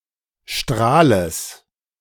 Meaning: genitive singular of Strahl
- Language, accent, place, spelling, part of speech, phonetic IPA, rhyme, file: German, Germany, Berlin, Strahles, noun, [ˈʃtʁaːləs], -aːləs, De-Strahles.ogg